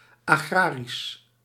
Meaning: 1. agrarian, agricultural 2. pertaining to the Agrarian laws
- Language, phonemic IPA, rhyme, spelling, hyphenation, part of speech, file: Dutch, /aːˈɣraː.ris/, -aːris, agrarisch, agra‧risch, adjective, Nl-agrarisch.ogg